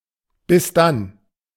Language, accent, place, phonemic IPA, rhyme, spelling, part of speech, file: German, Germany, Berlin, /bɪs danː/, -an, bis dann, interjection, De-bis dann.ogg
- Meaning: see you then, see you later